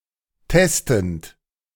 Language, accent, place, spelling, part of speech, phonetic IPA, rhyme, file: German, Germany, Berlin, testend, verb, [ˈtɛstn̩t], -ɛstn̩t, De-testend.ogg
- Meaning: present participle of testen